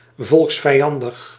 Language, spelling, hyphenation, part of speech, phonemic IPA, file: Dutch, volksvijandig, volks‧vij‧an‧dig, adjective, /ˌvɔlks.fɛi̯ˈɑn.dəx/, Nl-volksvijandig.ogg
- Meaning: hostile or inimical to the people (variously defined, but since the 1930s used according to the National Socialist definition)